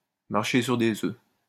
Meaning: to walk on eggshells
- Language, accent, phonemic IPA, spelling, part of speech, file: French, France, /maʁ.ʃe syʁ de.z‿ø/, marcher sur des œufs, verb, LL-Q150 (fra)-marcher sur des œufs.wav